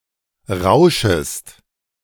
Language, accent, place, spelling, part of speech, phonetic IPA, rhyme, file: German, Germany, Berlin, rauschest, verb, [ˈʁaʊ̯ʃəst], -aʊ̯ʃəst, De-rauschest.ogg
- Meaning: second-person singular subjunctive I of rauschen